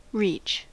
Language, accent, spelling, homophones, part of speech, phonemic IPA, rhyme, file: English, US, reach, reech, verb / noun, /ɹiːt͡ʃ/, -iːtʃ, En-us-reach.ogg
- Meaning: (verb) To extend, stretch, or thrust out (for example a limb or object held in the hand)